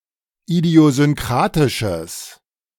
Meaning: strong/mixed nominative/accusative neuter singular of idiosynkratisch
- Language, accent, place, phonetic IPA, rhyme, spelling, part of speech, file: German, Germany, Berlin, [idi̯ozʏnˈkʁaːtɪʃəs], -aːtɪʃəs, idiosynkratisches, adjective, De-idiosynkratisches.ogg